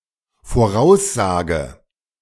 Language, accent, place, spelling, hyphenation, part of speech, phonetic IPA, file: German, Germany, Berlin, Voraussage, Vo‧r‧aus‧sa‧ge, noun, [foːˈʁaʊ̯sˌzaːɡə], De-Voraussage.ogg
- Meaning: prediction